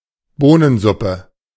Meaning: bean soup
- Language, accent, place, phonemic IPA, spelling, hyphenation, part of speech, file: German, Germany, Berlin, /ˈboːnənˌzʊpə/, Bohnensuppe, Boh‧nen‧sup‧pe, noun, De-Bohnensuppe.ogg